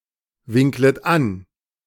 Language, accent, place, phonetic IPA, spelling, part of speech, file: German, Germany, Berlin, [ˌvɪŋklət ˈan], winklet an, verb, De-winklet an.ogg
- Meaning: second-person plural subjunctive I of anwinkeln